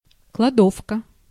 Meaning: pantry, storeroom
- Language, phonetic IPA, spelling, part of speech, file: Russian, [kɫɐˈdofkə], кладовка, noun, Ru-кладовка.ogg